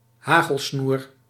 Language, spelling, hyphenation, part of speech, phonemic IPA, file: Dutch, hagelsnoer, ha‧gel‧snoer, noun, /ˈɦaː.ɣəlˌsnur/, Nl-hagelsnoer.ogg
- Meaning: chalaza